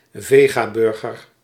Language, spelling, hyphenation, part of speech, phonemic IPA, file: Dutch, vegaburger, ve‧ga‧bur‧ger, noun, /ˈveː.ɣaːˌbʏr.ɣər/, Nl-vegaburger.ogg
- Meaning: a vegetarian burger; a vegetarian substitute or alternative for a hamburger